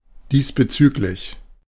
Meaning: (adverb) referring to this, in this regard; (adjective) relevant (to this)
- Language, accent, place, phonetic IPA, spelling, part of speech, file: German, Germany, Berlin, [ˈdiːsbəˌt͡syːklɪç], diesbezüglich, adverb / adjective, De-diesbezüglich.ogg